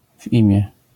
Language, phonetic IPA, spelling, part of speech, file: Polish, [ˈv‿ĩmʲjɛ], w imię, prepositional phrase, LL-Q809 (pol)-w imię.wav